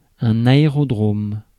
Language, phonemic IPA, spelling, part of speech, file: French, /a.e.ʁɔ.dʁom/, aérodrome, noun, Fr-aérodrome.ogg
- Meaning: aerodrome